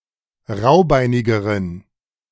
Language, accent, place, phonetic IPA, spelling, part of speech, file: German, Germany, Berlin, [ˈʁaʊ̯ˌbaɪ̯nɪɡəʁən], raubeinigeren, adjective, De-raubeinigeren.ogg
- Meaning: inflection of raubeinig: 1. strong genitive masculine/neuter singular comparative degree 2. weak/mixed genitive/dative all-gender singular comparative degree